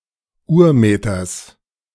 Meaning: genitive singular of Urmeter
- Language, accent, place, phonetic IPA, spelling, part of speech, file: German, Germany, Berlin, [ˈuːɐ̯ˌmeːtɐs], Urmeters, noun, De-Urmeters.ogg